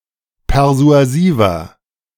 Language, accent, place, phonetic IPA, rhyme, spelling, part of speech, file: German, Germany, Berlin, [pɛʁzu̯aˈziːvɐ], -iːvɐ, persuasiver, adjective, De-persuasiver.ogg
- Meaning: 1. comparative degree of persuasiv 2. inflection of persuasiv: strong/mixed nominative masculine singular 3. inflection of persuasiv: strong genitive/dative feminine singular